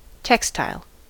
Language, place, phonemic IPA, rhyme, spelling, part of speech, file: English, California, /ˈtɛk.staɪl/, -ɛkstaɪl, textile, noun / adjective, En-us-textile.ogg
- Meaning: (noun) 1. Any material made of interlacing or matted fibres, including carpeting and geotextiles, woven or nonwoven 2. A non-nudist; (adjective) Clothing compulsive